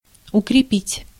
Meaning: 1. to strengthen 2. to consolidate 3. to fasten
- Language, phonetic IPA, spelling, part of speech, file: Russian, [ʊkrʲɪˈpʲitʲ], укрепить, verb, Ru-укрепить.ogg